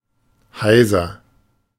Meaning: hoarse
- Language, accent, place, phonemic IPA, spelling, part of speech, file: German, Germany, Berlin, /ˈhaɪ̯zɐ/, heiser, adjective, De-heiser.ogg